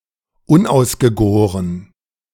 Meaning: half-baked, inchoate
- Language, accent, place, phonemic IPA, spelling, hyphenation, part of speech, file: German, Germany, Berlin, /ˈʊn.aʊ̯sɡəˌɡoːrən/, unausgegoren, un‧aus‧ge‧go‧ren, adjective, De-unausgegoren.ogg